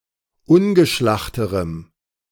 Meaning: strong dative masculine/neuter singular comparative degree of ungeschlacht
- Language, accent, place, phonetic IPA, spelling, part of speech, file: German, Germany, Berlin, [ˈʊnɡəˌʃlaxtəʁəm], ungeschlachterem, adjective, De-ungeschlachterem.ogg